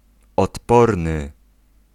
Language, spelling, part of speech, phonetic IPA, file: Polish, odporny, adjective, [ɔtˈpɔrnɨ], Pl-odporny.ogg